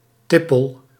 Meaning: inflection of tippelen: 1. first-person singular present indicative 2. second-person singular present indicative 3. imperative
- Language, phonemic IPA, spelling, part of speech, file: Dutch, /ˈtɪpəl/, tippel, noun / verb, Nl-tippel.ogg